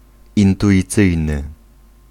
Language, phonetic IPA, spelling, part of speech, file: Polish, [ˌĩntuʲiˈt͡sɨjnɨ], intuicyjny, adjective, Pl-intuicyjny.ogg